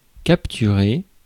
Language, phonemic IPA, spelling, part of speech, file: French, /kap.ty.ʁe/, capturer, verb, Fr-capturer.ogg
- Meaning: to capture (catch, seize e.g. an enemy)